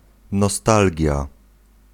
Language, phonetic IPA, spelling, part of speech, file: Polish, [nɔˈstalʲɟja], nostalgia, noun, Pl-nostalgia.ogg